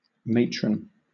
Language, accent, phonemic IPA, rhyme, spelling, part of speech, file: English, Southern England, /ˈmeɪtɹən/, -eɪtɹən, matron, noun, LL-Q1860 (eng)-matron.wav
- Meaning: 1. A mature or elderly woman, especially one of a higher social rank 2. A mature or elderly woman, especially one of a higher social rank.: A woman with the character of a mother or matriarch